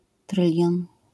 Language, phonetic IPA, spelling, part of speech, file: Polish, [ˈtrɨlʲjɔ̃n], trylion, noun, LL-Q809 (pol)-trylion.wav